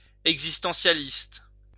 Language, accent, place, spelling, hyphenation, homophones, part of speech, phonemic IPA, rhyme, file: French, France, Lyon, existentialiste, ex‧is‧ten‧tia‧liste, existentialistes, adjective / noun, /ɛɡ.zis.tɑ̃.sja.list/, -ist, LL-Q150 (fra)-existentialiste.wav
- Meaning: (adjective) existentialist